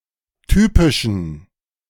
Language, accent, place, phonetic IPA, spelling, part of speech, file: German, Germany, Berlin, [ˈtyːpɪʃn̩], typischen, adjective, De-typischen.ogg
- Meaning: inflection of typisch: 1. strong genitive masculine/neuter singular 2. weak/mixed genitive/dative all-gender singular 3. strong/weak/mixed accusative masculine singular 4. strong dative plural